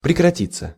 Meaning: to end, to cease, to stop
- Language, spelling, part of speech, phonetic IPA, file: Russian, прекратиться, verb, [prʲɪkrɐˈtʲit͡sːə], Ru-прекратиться.ogg